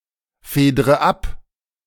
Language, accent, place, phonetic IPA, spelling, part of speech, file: German, Germany, Berlin, [ˌfeːdʁə ˈap], fedre ab, verb, De-fedre ab.ogg
- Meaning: inflection of abfedern: 1. first-person singular present 2. first/third-person singular subjunctive I 3. singular imperative